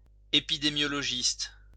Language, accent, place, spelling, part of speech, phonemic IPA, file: French, France, Lyon, épidémiologiste, noun, /e.pi.de.mjɔ.lɔ.ʒist/, LL-Q150 (fra)-épidémiologiste.wav
- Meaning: epidemiologist